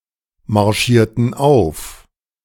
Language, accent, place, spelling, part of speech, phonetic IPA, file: German, Germany, Berlin, marschierten auf, verb, [maʁˌʃiːɐ̯tn̩ ˈaʊ̯f], De-marschierten auf.ogg
- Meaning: inflection of aufmarschieren: 1. first/third-person plural preterite 2. first/third-person plural subjunctive II